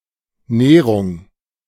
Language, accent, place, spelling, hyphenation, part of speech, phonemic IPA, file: German, Germany, Berlin, Nehrung, Neh‧rung, noun, /ˈneːʁʊŋ/, De-Nehrung.ogg
- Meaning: spit (long, very narrow peninsula, especially in the Baltic Sea)